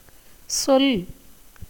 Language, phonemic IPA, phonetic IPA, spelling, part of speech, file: Tamil, /tʃol/, [so̞l], சொல், verb / noun, Ta-சொல்.ogg
- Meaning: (verb) 1. to say, speak, tell, utter, mention, express 2. to blame, criticise 3. to inform, narrate 4. to recite, repeat, quote, relate 5. to call, refer, mean